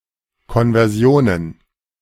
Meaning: plural of Konversion
- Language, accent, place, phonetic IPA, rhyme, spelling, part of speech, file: German, Germany, Berlin, [ˌkɔnvɛʁˈzi̯oːnən], -oːnən, Konversionen, noun, De-Konversionen.ogg